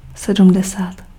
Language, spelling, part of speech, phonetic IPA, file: Czech, sedmdesát, numeral, [ˈsɛdm̩dɛsaːt], Cs-sedmdesát.ogg
- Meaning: seventy (70)